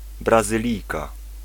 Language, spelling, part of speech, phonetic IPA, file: Polish, Brazylijka, noun, [ˌbrazɨˈlʲijka], Pl-Brazylijka.ogg